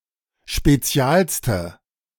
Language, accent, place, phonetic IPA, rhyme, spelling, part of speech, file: German, Germany, Berlin, [ʃpeˈt͡si̯aːlstə], -aːlstə, spezialste, adjective, De-spezialste.ogg
- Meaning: inflection of spezial: 1. strong/mixed nominative/accusative feminine singular superlative degree 2. strong nominative/accusative plural superlative degree